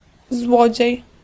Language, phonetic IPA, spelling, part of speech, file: Polish, [ˈzwɔd͡ʑɛ̇j], złodziej, noun, Pl-złodziej.ogg